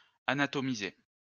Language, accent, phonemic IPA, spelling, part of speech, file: French, France, /a.na.tɔ.mi.ze/, anatomiser, verb, LL-Q150 (fra)-anatomiser.wav
- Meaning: to anatomize